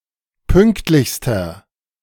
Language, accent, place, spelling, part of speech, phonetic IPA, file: German, Germany, Berlin, pünktlichster, adjective, [ˈpʏŋktlɪçstɐ], De-pünktlichster.ogg
- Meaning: inflection of pünktlich: 1. strong/mixed nominative masculine singular superlative degree 2. strong genitive/dative feminine singular superlative degree 3. strong genitive plural superlative degree